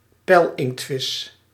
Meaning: a squid, cephalopod of the order Teuthida
- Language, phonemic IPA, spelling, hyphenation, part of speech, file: Dutch, /ˈpɛi̯l.ɪŋktˌfɪs/, pijlinktvis, pijl‧inkt‧vis, noun, Nl-pijlinktvis.ogg